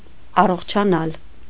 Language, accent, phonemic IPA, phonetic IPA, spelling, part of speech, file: Armenian, Eastern Armenian, /ɑroχt͡ʃʰɑˈnɑl/, [ɑroχt͡ʃʰɑnɑ́l], առողջանալ, verb, Hy-առողջանալ.ogg
- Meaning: to get better, recover, convalesce